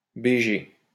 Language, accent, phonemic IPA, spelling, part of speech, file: French, France, /be.ʒe/, bg, noun, LL-Q150 (fra)-bg.wav
- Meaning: 1. abbreviation of beau gosse 2. abbreviation of belle gosse